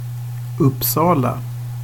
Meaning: Uppsala (a city in eastern central Sweden)
- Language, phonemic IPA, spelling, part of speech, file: Swedish, /ˈɵpːˌsɑːla/, Uppsala, proper noun, Sv-Uppsala.ogg